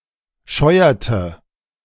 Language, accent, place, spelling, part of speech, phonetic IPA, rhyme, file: German, Germany, Berlin, scheuerte, verb, [ˈʃɔɪ̯ɐtə], -ɔɪ̯ɐtə, De-scheuerte.ogg
- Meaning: inflection of scheuern: 1. first/third-person singular preterite 2. first/third-person singular subjunctive II